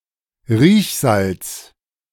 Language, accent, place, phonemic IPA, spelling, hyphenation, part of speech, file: German, Germany, Berlin, /ˈʁiːçˌzalt͡s/, Riechsalz, Riech‧salz, noun, De-Riechsalz.ogg
- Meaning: smelling salt